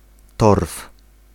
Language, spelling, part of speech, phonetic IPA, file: Polish, torf, noun, [tɔrf], Pl-torf.ogg